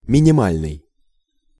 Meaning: minimal
- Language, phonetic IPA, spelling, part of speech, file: Russian, [mʲɪnʲɪˈmalʲnɨj], минимальный, adjective, Ru-минимальный.ogg